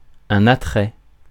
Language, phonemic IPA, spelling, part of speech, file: French, /a.tʁɛ/, attrait, noun, Fr-attrait.ogg
- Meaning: appeal, attraction